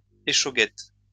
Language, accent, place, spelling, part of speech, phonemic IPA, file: French, France, Lyon, échauguette, noun, /e.ʃo.ɡɛt/, LL-Q150 (fra)-échauguette.wav
- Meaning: 1. watchtower (attached to a medieval building) 2. bartisan